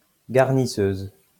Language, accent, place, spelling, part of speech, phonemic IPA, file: French, France, Lyon, garnisseuse, noun, /ɡaʁ.ni.søz/, LL-Q150 (fra)-garnisseuse.wav
- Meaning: female equivalent of garnisseur